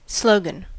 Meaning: 1. A distinctive phrase of a person or group of people (such as a movement or political party); a motto 2. A catchphrase associated with a product or service being advertised
- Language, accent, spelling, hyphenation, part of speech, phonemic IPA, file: English, General American, slogan, slo‧gan, noun, /ˈsloʊɡən/, En-us-slogan.ogg